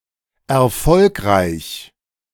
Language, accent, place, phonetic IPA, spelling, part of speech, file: German, Germany, Berlin, [ɛɐ̯ˈfɔlkʁaɪ̯ç], erfolgreich, adjective, De-erfolgreich.ogg
- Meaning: successful